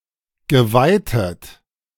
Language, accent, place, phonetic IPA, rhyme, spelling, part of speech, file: German, Germany, Berlin, [ɡəˈvaɪ̯tət], -aɪ̯tət, geweitet, verb, De-geweitet.ogg
- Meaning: past participle of weiten